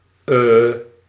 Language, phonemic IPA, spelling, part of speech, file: Dutch, /ə/, uh, interjection, Nl-uh.ogg
- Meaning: er, uh